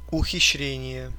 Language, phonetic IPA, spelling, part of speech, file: Russian, [ʊxʲɪɕːˈrʲenʲɪje], ухищрение, noun, Ru-ухищре́ние.ogg
- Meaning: 1. trick; gimmick, ruse, wile, stratagem 2. contrivance, device, shift